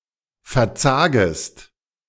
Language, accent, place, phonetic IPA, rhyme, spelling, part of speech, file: German, Germany, Berlin, [fɛɐ̯ˈt͡saːɡəst], -aːɡəst, verzagest, verb, De-verzagest.ogg
- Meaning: second-person singular subjunctive I of verzagen